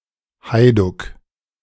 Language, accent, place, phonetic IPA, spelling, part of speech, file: German, Germany, Berlin, [ˈhaɪ̯dʊk], Heiduck, noun, De-Heiduck.ogg
- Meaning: hajduk